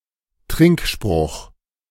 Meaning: toast (salutation)
- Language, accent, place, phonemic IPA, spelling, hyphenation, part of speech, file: German, Germany, Berlin, /ˈtʁɪŋkˌʃpʁʊχ/, Trinkspruch, Trink‧spruch, noun, De-Trinkspruch.ogg